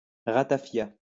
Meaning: ratafia
- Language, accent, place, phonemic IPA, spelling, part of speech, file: French, France, Lyon, /ʁa.ta.fja/, ratafia, noun, LL-Q150 (fra)-ratafia.wav